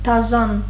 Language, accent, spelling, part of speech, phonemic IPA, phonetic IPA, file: Armenian, Western Armenian, դաժան, adjective, /tɑˈʒɑn/, [tʰɑʒɑ́n], HyW-դաժան.ogg
- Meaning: cruel, harsh, ruthless